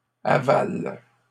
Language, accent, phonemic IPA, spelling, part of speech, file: French, Canada, /a.val/, avales, verb, LL-Q150 (fra)-avales.wav
- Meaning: second-person singular present indicative/subjunctive of avaler